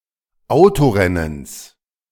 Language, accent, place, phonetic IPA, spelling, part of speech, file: German, Germany, Berlin, [ˈaʊ̯toˌʁɛnəns], Autorennens, noun, De-Autorennens.ogg
- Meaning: genitive singular of Autorennen